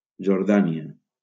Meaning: Jordan (a country in West Asia in the Middle East)
- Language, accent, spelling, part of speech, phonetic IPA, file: Catalan, Valencia, Jordània, proper noun, [d͡ʒoɾˈða.ni.a], LL-Q7026 (cat)-Jordània.wav